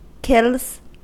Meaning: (noun) plural of kill; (verb) third-person singular simple present indicative of kill
- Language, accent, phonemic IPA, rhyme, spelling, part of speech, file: English, US, /kɪlz/, -ɪlz, kills, noun / verb, En-us-kills.ogg